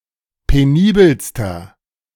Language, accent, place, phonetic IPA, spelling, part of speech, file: German, Germany, Berlin, [peˈniːbəlstɐ], penibelster, adjective, De-penibelster.ogg
- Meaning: inflection of penibel: 1. strong/mixed nominative masculine singular superlative degree 2. strong genitive/dative feminine singular superlative degree 3. strong genitive plural superlative degree